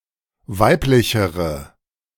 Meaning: inflection of weiblich: 1. strong/mixed nominative/accusative feminine singular comparative degree 2. strong nominative/accusative plural comparative degree
- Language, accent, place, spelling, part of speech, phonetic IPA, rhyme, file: German, Germany, Berlin, weiblichere, adjective, [ˈvaɪ̯plɪçəʁə], -aɪ̯plɪçəʁə, De-weiblichere.ogg